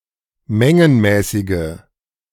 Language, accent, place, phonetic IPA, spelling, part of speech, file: German, Germany, Berlin, [ˈmɛŋənmɛːsɪɡə], mengenmäßige, adjective, De-mengenmäßige.ogg
- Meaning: inflection of mengenmäßig: 1. strong/mixed nominative/accusative feminine singular 2. strong nominative/accusative plural 3. weak nominative all-gender singular